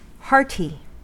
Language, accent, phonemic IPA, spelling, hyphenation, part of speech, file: English, US, /ˈhɑɹti/, hearty, hearty, adjective / noun, En-us-hearty.ogg
- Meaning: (adjective) 1. Warm and cordial towards another person 2. Energetic, active or eager 3. Cheerful; vivacious 4. Exhibiting strength; firm; courageous 5. Promoting strength; nourishing